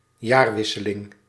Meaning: turn of the year
- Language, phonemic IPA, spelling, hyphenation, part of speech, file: Dutch, /ˈjaːrˌʋɪ.sə.lɪŋ/, jaarwisseling, jaar‧wis‧se‧ling, noun, Nl-jaarwisseling.ogg